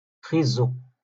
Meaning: carrot, carrots
- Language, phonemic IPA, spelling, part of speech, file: Moroccan Arabic, /xiːz.zu/, خيزو, noun, LL-Q56426 (ary)-خيزو.wav